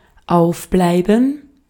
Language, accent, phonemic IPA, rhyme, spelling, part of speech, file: German, Austria, /ˈaʊ̯fˌblaɪ̯bən/, -aɪ̯bən, aufbleiben, verb, De-at-aufbleiben.ogg
- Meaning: 1. to wake; to stay awake; to stay up 2. to remain open